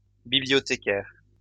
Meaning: plural of bibliothécaire
- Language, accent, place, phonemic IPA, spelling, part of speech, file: French, France, Lyon, /bi.bli.jɔ.te.kɛʁ/, bibliothécaires, noun, LL-Q150 (fra)-bibliothécaires.wav